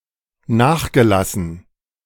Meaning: past participle of nachlassen
- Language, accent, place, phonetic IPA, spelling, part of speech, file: German, Germany, Berlin, [ˈnaːxɡəˌlasn̩], nachgelassen, adjective / verb, De-nachgelassen.ogg